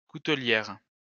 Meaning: female equivalent of coutelier
- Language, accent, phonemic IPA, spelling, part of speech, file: French, France, /ku.tə.ljɛʁ/, coutelière, noun, LL-Q150 (fra)-coutelière.wav